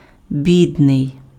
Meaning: poor, pauper
- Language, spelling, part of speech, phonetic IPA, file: Ukrainian, бідний, adjective, [ˈbʲidnei̯], Uk-бідний.ogg